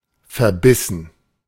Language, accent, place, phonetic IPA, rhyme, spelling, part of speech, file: German, Germany, Berlin, [fɛɐ̯ˈbɪsn̩], -ɪsn̩, verbissen, verb, De-verbissen.ogg
- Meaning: past participle of verbeißen